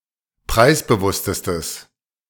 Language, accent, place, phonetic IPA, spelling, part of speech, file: German, Germany, Berlin, [ˈpʁaɪ̯sbəˌvʊstəstəs], preisbewusstestes, adjective, De-preisbewusstestes.ogg
- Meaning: strong/mixed nominative/accusative neuter singular superlative degree of preisbewusst